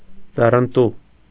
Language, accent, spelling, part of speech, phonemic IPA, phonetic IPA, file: Armenian, Eastern Armenian, ձեռնտու, adjective, /d͡zerənˈtu/, [d͡zerəntú], Hy-ձեռնտու.ogg
- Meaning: advantageous, profitable